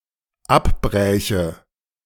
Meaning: first/third-person singular dependent subjunctive II of abbrechen
- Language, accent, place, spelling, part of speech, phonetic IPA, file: German, Germany, Berlin, abbräche, verb, [ˈapˌbʁɛːçə], De-abbräche.ogg